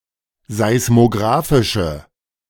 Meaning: inflection of seismografisch: 1. strong/mixed nominative/accusative feminine singular 2. strong nominative/accusative plural 3. weak nominative all-gender singular
- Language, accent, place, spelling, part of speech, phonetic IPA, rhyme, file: German, Germany, Berlin, seismografische, adjective, [zaɪ̯smoˈɡʁaːfɪʃə], -aːfɪʃə, De-seismografische.ogg